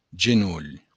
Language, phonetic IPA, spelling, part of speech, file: Occitan, [(d)ʒeˈnul], genolh, noun, LL-Q942602-genolh.wav
- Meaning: knee